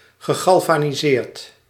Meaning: past participle of galvaniseren
- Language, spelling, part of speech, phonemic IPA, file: Dutch, gegalvaniseerd, verb, /ɣəˌɣɑlvaniˈzert/, Nl-gegalvaniseerd.ogg